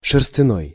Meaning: 1. wool; woolen, woollen 2. wooly
- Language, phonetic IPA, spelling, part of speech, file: Russian, [ʂɨrs⁽ʲ⁾tʲɪˈnoj], шерстяной, adjective, Ru-шерстяной.ogg